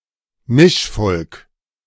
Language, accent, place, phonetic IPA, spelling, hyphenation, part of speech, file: German, Germany, Berlin, [ˈmɪʃˌfɔlk], Mischvolk, Misch‧volk, noun, De-Mischvolk.ogg
- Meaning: mixed race, mixed ethnicity